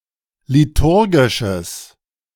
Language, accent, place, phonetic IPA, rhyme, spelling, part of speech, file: German, Germany, Berlin, [liˈtʊʁɡɪʃəs], -ʊʁɡɪʃəs, liturgisches, adjective, De-liturgisches.ogg
- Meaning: strong/mixed nominative/accusative neuter singular of liturgisch